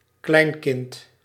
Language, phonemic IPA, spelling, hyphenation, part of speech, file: Dutch, /ˈklɛi̯n.kɪnt/, kleinkind, klein‧kind, noun, Nl-kleinkind.ogg
- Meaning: grandchild